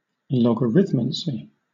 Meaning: Divination using logarithms
- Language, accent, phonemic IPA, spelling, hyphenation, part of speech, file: English, Southern England, /lɒɡəˈɹɪðmənsi/, logarithmancy, log‧a‧rith‧man‧cy, noun, LL-Q1860 (eng)-logarithmancy.wav